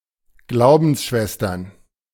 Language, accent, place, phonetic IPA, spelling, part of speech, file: German, Germany, Berlin, [ˈɡlaʊ̯bn̩sˌʃvɛstɐn], Glaubensschwestern, noun, De-Glaubensschwestern.ogg
- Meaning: plural of Glaubensschwester